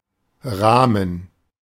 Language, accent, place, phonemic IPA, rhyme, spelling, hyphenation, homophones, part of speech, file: German, Germany, Berlin, /ˈʁaːmən/, -aːmən, Rahmen, Rah‧men, Ramen, noun, De-Rahmen.ogg
- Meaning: frame, scope